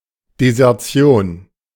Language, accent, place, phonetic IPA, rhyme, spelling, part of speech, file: German, Germany, Berlin, [dezɛʁˈt͡si̯oːn], -oːn, Desertion, noun, De-Desertion.ogg
- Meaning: desertion